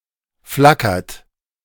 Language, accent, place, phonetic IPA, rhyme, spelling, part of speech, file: German, Germany, Berlin, [ˈflakɐt], -akɐt, flackert, verb, De-flackert.ogg
- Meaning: inflection of flackern: 1. second-person plural present 2. third-person singular present 3. plural imperative